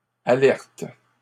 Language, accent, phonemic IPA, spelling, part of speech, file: French, Canada, /a.lɛʁt/, alertes, verb, LL-Q150 (fra)-alertes.wav
- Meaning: second-person singular present indicative/subjunctive of alerter